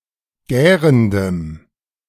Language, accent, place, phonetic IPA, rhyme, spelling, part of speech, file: German, Germany, Berlin, [ˈɡɛːʁəndəm], -ɛːʁəndəm, gärendem, adjective, De-gärendem.ogg
- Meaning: strong dative masculine/neuter singular of gärend